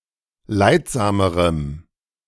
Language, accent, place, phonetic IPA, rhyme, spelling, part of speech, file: German, Germany, Berlin, [ˈlaɪ̯tˌzaːməʁəm], -aɪ̯tzaːməʁəm, leidsamerem, adjective, De-leidsamerem.ogg
- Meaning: strong dative masculine/neuter singular comparative degree of leidsam